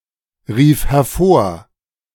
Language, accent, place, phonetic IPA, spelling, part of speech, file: German, Germany, Berlin, [ˌʁiːf hɛɐ̯ˈfoːɐ̯], rief hervor, verb, De-rief hervor.ogg
- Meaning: first/third-person singular preterite of hervorrufen